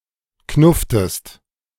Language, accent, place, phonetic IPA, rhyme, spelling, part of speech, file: German, Germany, Berlin, [ˈknʊftəst], -ʊftəst, knufftest, verb, De-knufftest.ogg
- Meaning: inflection of knuffen: 1. second-person singular preterite 2. second-person singular subjunctive II